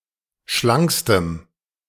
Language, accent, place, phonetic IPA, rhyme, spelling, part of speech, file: German, Germany, Berlin, [ˈʃlaŋkstəm], -aŋkstəm, schlankstem, adjective, De-schlankstem.ogg
- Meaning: strong dative masculine/neuter singular superlative degree of schlank